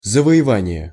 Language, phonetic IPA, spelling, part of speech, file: Russian, [zəvə(j)ɪˈvanʲɪje], завоевание, noun, Ru-завоевание.ogg
- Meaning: 1. conquest 2. winning